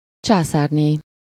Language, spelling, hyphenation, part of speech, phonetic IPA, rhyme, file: Hungarian, császárné, csá‧szár‧né, noun, [ˈt͡ʃaːsaːrneː], -neː, Hu-császárné.ogg
- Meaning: 1. empress (female who rules an empire) 2. empress (wife or widow of an emperor)